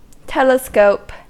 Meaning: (noun) 1. A monocular optical instrument that magnifies distant objects, especially in astronomy 2. Any instrument used in astronomy for observing distant objects (such as a radio telescope)
- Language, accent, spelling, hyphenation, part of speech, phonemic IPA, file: English, US, telescope, tele‧scope, noun / verb, /ˈtɛl.əˌskoʊp/, En-us-telescope.ogg